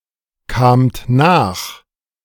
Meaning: second-person plural preterite of nachkommen
- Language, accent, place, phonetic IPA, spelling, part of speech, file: German, Germany, Berlin, [ˌkaːmt ˈnaːx], kamt nach, verb, De-kamt nach.ogg